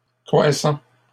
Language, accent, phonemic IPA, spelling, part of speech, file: French, Canada, /kʁwa.sɑ̃/, croissants, noun / adjective, LL-Q150 (fra)-croissants.wav
- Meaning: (noun) plural of croissant; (adjective) masculine plural of croissant